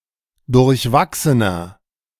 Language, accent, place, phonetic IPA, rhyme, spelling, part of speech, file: German, Germany, Berlin, [dʊʁçˈvaksənɐ], -aksənɐ, durchwachsener, adjective, De-durchwachsener.ogg
- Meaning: 1. comparative degree of durchwachsen 2. inflection of durchwachsen: strong/mixed nominative masculine singular 3. inflection of durchwachsen: strong genitive/dative feminine singular